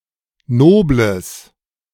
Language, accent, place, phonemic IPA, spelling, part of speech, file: German, Germany, Berlin, /ˈnoːbləs/, nobles, adjective, De-nobles.ogg
- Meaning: strong/mixed nominative/accusative neuter singular of nobel